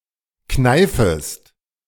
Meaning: second-person singular subjunctive I of kneifen
- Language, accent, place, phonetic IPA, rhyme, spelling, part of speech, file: German, Germany, Berlin, [ˈknaɪ̯fəst], -aɪ̯fəst, kneifest, verb, De-kneifest.ogg